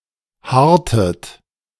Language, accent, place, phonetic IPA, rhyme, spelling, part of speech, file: German, Germany, Berlin, [ˈhaːɐ̯tət], -aːɐ̯tət, haartet, verb, De-haartet.ogg
- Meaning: inflection of haaren: 1. second-person plural preterite 2. second-person plural subjunctive II